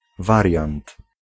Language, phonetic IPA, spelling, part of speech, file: Polish, [ˈvarʲjãnt], wariant, noun, Pl-wariant.ogg